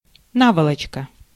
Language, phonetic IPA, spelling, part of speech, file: Russian, [ˈnavəɫət͡ɕkə], наволочка, noun, Ru-наволочка.ogg
- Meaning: pillowcase, pillowslip